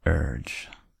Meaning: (noun) A strong desire to do something; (verb) 1. To press; to push; to drive; to impel; to force onward 2. To put mental pressure on; to ply with motives, arguments, persuasion, or importunity
- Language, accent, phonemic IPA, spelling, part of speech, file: English, US, /ɝd͡ʒ/, urge, noun / verb, En-us-urge.ogg